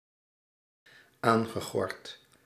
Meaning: past participle of aangorden
- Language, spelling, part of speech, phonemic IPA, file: Dutch, aangegord, verb, /ˈaŋɣəˌɣɔrt/, Nl-aangegord.ogg